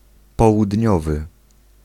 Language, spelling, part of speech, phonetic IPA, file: Polish, południowy, adjective, [ˌpɔwudʲˈɲɔvɨ], Pl-południowy.ogg